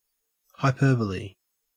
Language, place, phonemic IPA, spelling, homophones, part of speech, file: English, Queensland, /hɑeˈpɜːbəli/, hyperbole, hyperbolae, noun, En-au-hyperbole.ogg
- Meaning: 1. Deliberate overstatement, particularly extreme overstatement 2. An instance or example of such overstatement 3. A hyperbola